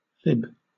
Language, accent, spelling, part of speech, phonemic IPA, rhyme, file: English, Southern England, fib, noun / verb, /fɪb/, -ɪb, LL-Q1860 (eng)-fib.wav
- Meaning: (noun) 1. A lie, especially one that is more or less inconsequential 2. A liar; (verb) To lie, especially more or less inconsequentially; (noun) The fibula